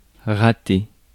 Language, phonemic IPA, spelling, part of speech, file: French, /ʁa.te/, rater, verb, Fr-rater.ogg
- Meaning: 1. to miss (an event or a thing) 2. to screw up; to mess up 3. to fail to fire; to misfire 4. to fail